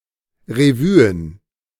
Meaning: plural of Revue
- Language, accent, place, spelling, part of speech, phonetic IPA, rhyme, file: German, Germany, Berlin, Revuen, noun, [ʁeˈvyːən], -yːən, De-Revuen.ogg